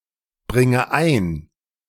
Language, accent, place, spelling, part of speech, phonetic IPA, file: German, Germany, Berlin, bringe ein, verb, [ˌbʁɪŋə ˈaɪ̯n], De-bringe ein.ogg
- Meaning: inflection of einbringen: 1. first-person singular present 2. first/third-person singular subjunctive I 3. singular imperative